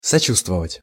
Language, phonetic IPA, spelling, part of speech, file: Russian, [sɐˈt͡ɕustvəvətʲ], сочувствовать, verb, Ru-сочувствовать.ogg
- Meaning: to be sympathetic towards someone